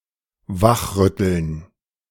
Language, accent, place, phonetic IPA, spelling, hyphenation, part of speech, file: German, Germany, Berlin, [ˈvaχˌʁʏtl̩n], wachrütteln, wach‧rüt‧teln, verb, De-wachrütteln.ogg
- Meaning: 1. to shake someone awake 2. to rouse, to galvanize, to wake up (to stir someone into activity or awareness of what is happening, often in relation to a dramatic incident)